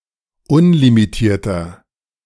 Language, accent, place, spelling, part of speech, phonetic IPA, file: German, Germany, Berlin, unlimitierter, adjective, [ˈʊnlimiˌtiːɐ̯tɐ], De-unlimitierter.ogg
- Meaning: inflection of unlimitiert: 1. strong/mixed nominative masculine singular 2. strong genitive/dative feminine singular 3. strong genitive plural